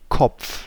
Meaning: 1. head 2. crown, top 3. heading, title 4. person; individual; fellow (referring to one's intellect or mentality) 5. heads (side of a coin)
- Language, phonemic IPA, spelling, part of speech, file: German, /kɔpf/, Kopf, noun, De-Kopf.ogg